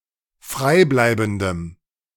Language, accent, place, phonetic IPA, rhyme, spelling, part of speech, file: German, Germany, Berlin, [ˈfʁaɪ̯ˌblaɪ̯bn̩dəm], -aɪ̯blaɪ̯bn̩dəm, freibleibendem, adjective, De-freibleibendem.ogg
- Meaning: strong dative masculine/neuter singular of freibleibend